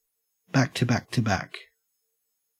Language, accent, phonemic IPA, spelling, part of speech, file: English, Australia, /ˌbæk.təˈbæk.təˈbæk/, back-to-back-to-back, adjective / noun, En-au-back-to-back-to-back.ogg
- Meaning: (adjective) Sequential or consecutive, in the case of exactly three events; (noun) A set of three things done consecutively